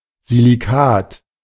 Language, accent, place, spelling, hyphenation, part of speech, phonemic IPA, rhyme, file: German, Germany, Berlin, Silikat, Si‧li‧kat, noun, /ziliˈkaːt/, -aːt, De-Silikat.ogg
- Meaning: silicate